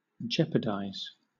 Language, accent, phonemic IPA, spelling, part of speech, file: English, Southern England, /ˈd͡ʒɛp.ə.dʌɪz/, jeopardize, verb, LL-Q1860 (eng)-jeopardize.wav
- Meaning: To put in jeopardy, to threaten